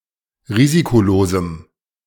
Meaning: strong dative masculine/neuter singular of risikolos
- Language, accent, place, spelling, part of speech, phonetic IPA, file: German, Germany, Berlin, risikolosem, adjective, [ˈʁiːzikoˌloːzm̩], De-risikolosem.ogg